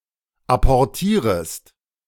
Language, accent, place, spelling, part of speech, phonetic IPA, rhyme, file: German, Germany, Berlin, apportierest, verb, [ˌapɔʁˈtiːʁəst], -iːʁəst, De-apportierest.ogg
- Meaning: second-person singular subjunctive I of apportieren